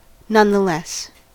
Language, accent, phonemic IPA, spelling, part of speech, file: English, US, /ˌnʌnðəˈlɛs/, nonetheless, adverb, En-us-nonetheless.ogg
- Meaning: Nevertheless